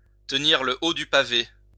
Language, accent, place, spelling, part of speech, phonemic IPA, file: French, France, Lyon, tenir le haut du pavé, verb, /tə.niʁ lə o dy pa.ve/, LL-Q150 (fra)-tenir le haut du pavé.wav
- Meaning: 1. to be on top, to occupy the highest social rank, to be at the top of the ladder 2. to set the pace, to lead the way